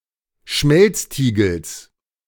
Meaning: genitive singular of Schmelztiegel
- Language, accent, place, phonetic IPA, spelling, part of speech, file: German, Germany, Berlin, [ˈʃmɛlt͡sˌtiːɡl̩s], Schmelztiegels, noun, De-Schmelztiegels.ogg